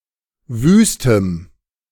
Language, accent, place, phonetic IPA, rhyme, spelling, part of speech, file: German, Germany, Berlin, [ˈvyːstəm], -yːstəm, wüstem, adjective, De-wüstem.ogg
- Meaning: strong dative masculine/neuter singular of wüst